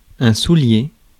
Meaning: shoe, boot (protective covering for the foot)
- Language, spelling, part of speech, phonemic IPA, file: French, soulier, noun, /su.lje/, Fr-soulier.ogg